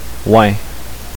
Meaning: an expression of sadness (like crying) by making such a sound; boo-hoo; waa
- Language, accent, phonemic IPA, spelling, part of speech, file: French, Canada, /wɛ̃/, ouin, noun, Qc-ouin.ogg